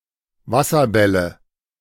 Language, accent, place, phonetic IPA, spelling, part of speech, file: German, Germany, Berlin, [ˈvasɐˌbɛlə], Wasserbälle, noun, De-Wasserbälle.ogg
- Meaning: nominative/accusative/genitive plural of Wasserball